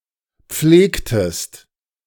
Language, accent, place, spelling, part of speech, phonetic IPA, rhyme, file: German, Germany, Berlin, pflegtest, verb, [ˈp͡fleːktəst], -eːktəst, De-pflegtest.ogg
- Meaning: inflection of pflegen: 1. second-person singular preterite 2. second-person singular subjunctive II